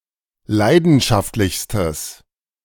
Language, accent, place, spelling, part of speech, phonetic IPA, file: German, Germany, Berlin, leidenschaftlichstes, adjective, [ˈlaɪ̯dn̩ʃaftlɪçstəs], De-leidenschaftlichstes.ogg
- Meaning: strong/mixed nominative/accusative neuter singular superlative degree of leidenschaftlich